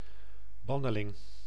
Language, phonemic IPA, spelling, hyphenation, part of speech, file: Dutch, /ˈbɑ.nəˌlɪŋ/, banneling, ban‧ne‧ling, noun, Nl-banneling.ogg
- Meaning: exile: an exiled person